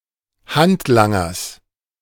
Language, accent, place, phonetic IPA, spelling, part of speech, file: German, Germany, Berlin, [ˈhantˌlaŋɐs], Handlangers, noun, De-Handlangers.ogg
- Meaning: genitive singular of Handlanger